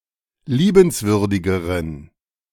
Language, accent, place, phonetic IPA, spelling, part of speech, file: German, Germany, Berlin, [ˈliːbənsvʏʁdɪɡəʁən], liebenswürdigeren, adjective, De-liebenswürdigeren.ogg
- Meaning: inflection of liebenswürdig: 1. strong genitive masculine/neuter singular comparative degree 2. weak/mixed genitive/dative all-gender singular comparative degree